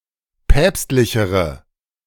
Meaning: inflection of päpstlich: 1. strong/mixed nominative/accusative feminine singular comparative degree 2. strong nominative/accusative plural comparative degree
- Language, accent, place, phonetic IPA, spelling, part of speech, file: German, Germany, Berlin, [ˈpɛːpstlɪçəʁə], päpstlichere, adjective, De-päpstlichere.ogg